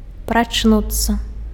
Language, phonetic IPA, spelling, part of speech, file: Belarusian, [prat͡ʂˈnut͡sːa], прачнуцца, verb, Be-прачнуцца.ogg
- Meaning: to wake up